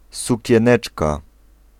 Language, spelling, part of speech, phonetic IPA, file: Polish, sukieneczka, noun, [ˌsucɛ̃ˈnɛt͡ʃka], Pl-sukieneczka.ogg